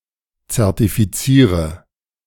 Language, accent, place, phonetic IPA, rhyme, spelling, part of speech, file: German, Germany, Berlin, [t͡sɛʁtifiˈt͡siːʁə], -iːʁə, zertifiziere, verb, De-zertifiziere.ogg
- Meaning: inflection of zertifizieren: 1. first-person singular present 2. singular imperative 3. first/third-person singular subjunctive I